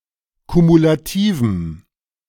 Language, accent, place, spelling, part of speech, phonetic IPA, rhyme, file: German, Germany, Berlin, kumulativem, adjective, [kumulaˈtiːvm̩], -iːvm̩, De-kumulativem.ogg
- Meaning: strong dative masculine/neuter singular of kumulativ